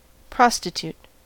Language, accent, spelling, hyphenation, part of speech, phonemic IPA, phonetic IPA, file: English, US, prostitute, pros‧ti‧tute, adjective / noun / verb, /ˈpɹɑstɪˌtu(ː)t/, [ˈpɹɑstɪˌtʰu(ː)t], En-us-prostitute.ogg
- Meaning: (adjective) Debased, corrupt; seeking personal gain by dishonourable means